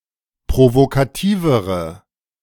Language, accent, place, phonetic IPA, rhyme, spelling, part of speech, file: German, Germany, Berlin, [pʁovokaˈtiːvəʁə], -iːvəʁə, provokativere, adjective, De-provokativere.ogg
- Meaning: inflection of provokativ: 1. strong/mixed nominative/accusative feminine singular comparative degree 2. strong nominative/accusative plural comparative degree